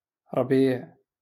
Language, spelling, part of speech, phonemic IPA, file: Moroccan Arabic, ربيع, noun, /rbiːʕ/, LL-Q56426 (ary)-ربيع.wav
- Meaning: 1. spring 2. grass 3. mix of coriander and parsley